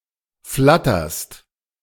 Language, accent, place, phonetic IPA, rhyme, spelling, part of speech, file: German, Germany, Berlin, [ˈflatɐst], -atɐst, flatterst, verb, De-flatterst.ogg
- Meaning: second-person singular present of flattern